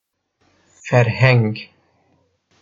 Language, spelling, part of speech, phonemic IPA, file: Northern Kurdish, ferheng, noun, /fɛɾˈhɛŋɡ/, Ku-ferheng.oga
- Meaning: 1. dictionary 2. culture